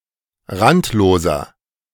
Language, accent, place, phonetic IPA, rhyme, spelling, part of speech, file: German, Germany, Berlin, [ˈʁantloːzɐ], -antloːzɐ, randloser, adjective, De-randloser.ogg
- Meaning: inflection of randlos: 1. strong/mixed nominative masculine singular 2. strong genitive/dative feminine singular 3. strong genitive plural